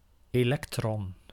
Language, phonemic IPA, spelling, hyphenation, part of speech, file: Dutch, /ˌeːˈlɛk.trɔn/, elektron, elek‧tron, noun, Nl-elektron.ogg
- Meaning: electron (the negatively charged subatomic particles that orbit nuclei of atoms)